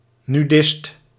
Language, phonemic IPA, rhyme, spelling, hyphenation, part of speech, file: Dutch, /nyˈdɪst/, -ɪst, nudist, nu‧dist, noun, Nl-nudist.ogg
- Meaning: a nudist